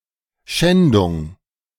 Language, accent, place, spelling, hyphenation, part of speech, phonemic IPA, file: German, Germany, Berlin, Schändung, Schän‧dung, noun, /ˈʃɛndʊŋ/, De-Schändung.ogg
- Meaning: 1. desecration 2. rape